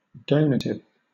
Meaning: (adjective) Being or relating to a donation; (noun) A gift; a largess; a gratuity
- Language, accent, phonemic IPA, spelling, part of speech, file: English, Southern England, /ˈdəʊnətɪv/, donative, adjective / noun, LL-Q1860 (eng)-donative.wav